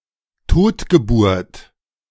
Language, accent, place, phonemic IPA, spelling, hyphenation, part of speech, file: German, Germany, Berlin, /ˈtoːtɡəˌbuːrt/, Totgeburt, Tot‧ge‧burt, noun, De-Totgeburt.ogg
- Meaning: 1. stillbirth 2. stillborn 3. something bound to come to nought